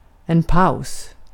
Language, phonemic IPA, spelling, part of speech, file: Swedish, /paʊ̯s/, paus, noun, Sv-paus.ogg
- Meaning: 1. a pause, a break 2. a rest